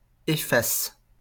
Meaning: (noun) eraser; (verb) inflection of effacer: 1. first/third-person singular present indicative/subjunctive 2. second-person singular imperative
- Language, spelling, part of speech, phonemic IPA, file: French, efface, noun / verb, /e.fas/, LL-Q150 (fra)-efface.wav